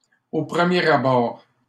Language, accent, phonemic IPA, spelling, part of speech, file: French, Canada, /o pʁə.mjɛ.ʁ‿a.bɔʁ/, au premier abord, adverb, LL-Q150 (fra)-au premier abord.wav
- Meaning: at first, at first sight, at first glance, on first impression